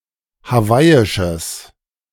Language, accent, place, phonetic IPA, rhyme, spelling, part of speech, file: German, Germany, Berlin, [haˈvaɪ̯ɪʃəs], -aɪ̯ɪʃəs, hawaiisches, adjective, De-hawaiisches.ogg
- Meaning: strong/mixed nominative/accusative neuter singular of hawaiisch